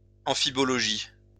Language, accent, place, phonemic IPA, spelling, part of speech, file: French, France, Lyon, /ɑ̃.fi.bɔ.lɔ.ʒi/, amphibologie, noun, LL-Q150 (fra)-amphibologie.wav
- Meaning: amphibology